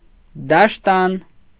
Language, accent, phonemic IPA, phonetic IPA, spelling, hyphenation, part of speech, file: Armenian, Eastern Armenian, /dɑʃˈtɑn/, [dɑʃtɑ́n], դաշտան, դաշ‧տան, noun, Hy-դաշտան.ogg
- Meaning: menstruation